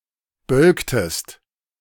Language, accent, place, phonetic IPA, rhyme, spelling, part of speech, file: German, Germany, Berlin, [ˈbœlktəst], -œlktəst, bölktest, verb, De-bölktest.ogg
- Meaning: inflection of bölken: 1. second-person singular preterite 2. second-person singular subjunctive II